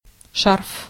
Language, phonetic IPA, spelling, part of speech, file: Russian, [ʂarf], шарф, noun, Ru-шарф.ogg
- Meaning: scarf (type of clothing)